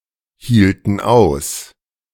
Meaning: inflection of aushalten: 1. first/third-person plural preterite 2. first/third-person plural subjunctive II
- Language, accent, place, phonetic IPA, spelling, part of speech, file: German, Germany, Berlin, [ˌhiːltn̩ ˈaʊ̯s], hielten aus, verb, De-hielten aus.ogg